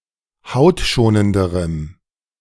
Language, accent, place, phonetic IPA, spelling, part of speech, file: German, Germany, Berlin, [ˈhaʊ̯tˌʃoːnəndəʁəm], hautschonenderem, adjective, De-hautschonenderem.ogg
- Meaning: strong dative masculine/neuter singular comparative degree of hautschonend